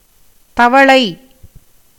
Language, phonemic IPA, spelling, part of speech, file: Tamil, /t̪ɐʋɐɭɐɪ̯/, தவளை, noun, Ta-தவளை.ogg
- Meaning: frog, toad